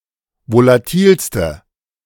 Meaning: inflection of volatil: 1. strong/mixed nominative/accusative feminine singular superlative degree 2. strong nominative/accusative plural superlative degree
- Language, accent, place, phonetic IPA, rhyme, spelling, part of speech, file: German, Germany, Berlin, [volaˈtiːlstə], -iːlstə, volatilste, adjective, De-volatilste.ogg